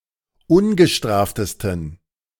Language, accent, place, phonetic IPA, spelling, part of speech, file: German, Germany, Berlin, [ˈʊnɡəˌʃtʁaːftəstn̩], ungestraftesten, adjective, De-ungestraftesten.ogg
- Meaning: 1. superlative degree of ungestraft 2. inflection of ungestraft: strong genitive masculine/neuter singular superlative degree